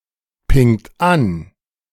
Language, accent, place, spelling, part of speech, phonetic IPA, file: German, Germany, Berlin, pingt an, verb, [ˌpɪŋt ˈan], De-pingt an.ogg
- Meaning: inflection of anpingen: 1. second-person plural present 2. third-person singular present 3. plural imperative